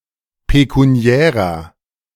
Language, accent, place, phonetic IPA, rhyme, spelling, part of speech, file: German, Germany, Berlin, [pekuˈni̯ɛːʁɐ], -ɛːʁɐ, pekuniärer, adjective, De-pekuniärer.ogg
- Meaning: inflection of pekuniär: 1. strong/mixed nominative masculine singular 2. strong genitive/dative feminine singular 3. strong genitive plural